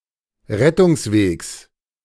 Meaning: genitive singular of Rettungsweg
- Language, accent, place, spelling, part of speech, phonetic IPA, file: German, Germany, Berlin, Rettungswegs, noun, [ˈʁɛtʊŋsˌveːks], De-Rettungswegs.ogg